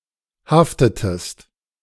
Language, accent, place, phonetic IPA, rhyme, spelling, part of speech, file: German, Germany, Berlin, [ˈhaftətəst], -aftətəst, haftetest, verb, De-haftetest.ogg
- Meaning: inflection of haften: 1. second-person singular preterite 2. second-person singular subjunctive II